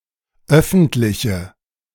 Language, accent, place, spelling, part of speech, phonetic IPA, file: German, Germany, Berlin, öffentliche, adjective, [ˈœfn̩tlɪçə], De-öffentliche.ogg
- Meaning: inflection of öffentlich: 1. strong/mixed nominative/accusative feminine singular 2. strong nominative/accusative plural 3. weak nominative all-gender singular